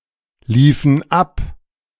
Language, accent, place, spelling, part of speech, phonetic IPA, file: German, Germany, Berlin, liefen ab, verb, [ˌliːfn̩ ˈap], De-liefen ab.ogg
- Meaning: inflection of ablaufen: 1. first/third-person plural preterite 2. first/third-person plural subjunctive II